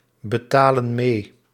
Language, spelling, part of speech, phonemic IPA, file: Dutch, betalen mee, verb, /bəˈtalə(n) ˈme/, Nl-betalen mee.ogg
- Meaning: inflection of meebetalen: 1. plural present indicative 2. plural present subjunctive